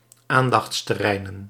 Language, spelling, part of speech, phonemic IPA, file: Dutch, aandachtsterreinen, noun, /ˈandɑx(t)stəˌrɛinə(n)/, Nl-aandachtsterreinen.ogg
- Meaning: plural of aandachtsterrein